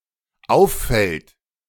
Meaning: third-person singular dependent present of auffallen
- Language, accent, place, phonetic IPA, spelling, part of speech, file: German, Germany, Berlin, [ˈaʊ̯fˌfɛlt], auffällt, verb, De-auffällt.ogg